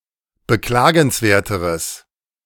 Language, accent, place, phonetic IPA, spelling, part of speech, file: German, Germany, Berlin, [bəˈklaːɡn̩sˌveːɐ̯təʁəs], beklagenswerteres, adjective, De-beklagenswerteres.ogg
- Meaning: strong/mixed nominative/accusative neuter singular comparative degree of beklagenswert